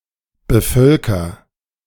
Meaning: inflection of bevölkern: 1. first-person singular present 2. singular imperative
- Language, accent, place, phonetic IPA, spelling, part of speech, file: German, Germany, Berlin, [bəˈfœlkɐ], bevölker, verb, De-bevölker.ogg